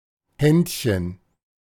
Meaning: 1. diminutive of Hand 2. skill, magic touch
- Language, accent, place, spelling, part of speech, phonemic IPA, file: German, Germany, Berlin, Händchen, noun, /ˈhɛntçən/, De-Händchen.ogg